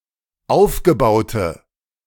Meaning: inflection of aufgebaut: 1. strong/mixed nominative/accusative feminine singular 2. strong nominative/accusative plural 3. weak nominative all-gender singular
- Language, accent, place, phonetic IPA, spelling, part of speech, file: German, Germany, Berlin, [ˈaʊ̯fɡəˌbaʊ̯tə], aufgebaute, adjective, De-aufgebaute.ogg